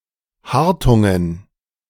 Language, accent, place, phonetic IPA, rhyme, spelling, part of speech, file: German, Germany, Berlin, [ˈhaʁtʊŋən], -aʁtʊŋən, Hartungen, noun, De-Hartungen.ogg
- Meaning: dative plural of Hartung